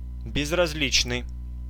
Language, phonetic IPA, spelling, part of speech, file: Russian, [bʲɪzrɐz⁽ʲ⁾ˈlʲit͡ɕnɨj], безразличный, adjective, Ru-безразличный.ogg
- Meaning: indifferent, apathetic, nonchalant